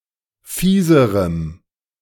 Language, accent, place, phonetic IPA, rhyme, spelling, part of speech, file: German, Germany, Berlin, [ˈfiːzəʁəm], -iːzəʁəm, fieserem, adjective, De-fieserem.ogg
- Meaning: strong dative masculine/neuter singular comparative degree of fies